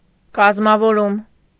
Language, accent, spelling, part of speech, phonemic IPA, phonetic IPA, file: Armenian, Eastern Armenian, կազմավորում, noun, /kɑzmɑvoˈɾum/, [kɑzmɑvoɾúm], Hy-կազմավորում.ogg
- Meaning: 1. organization, creation, foundation, establishment 2. formation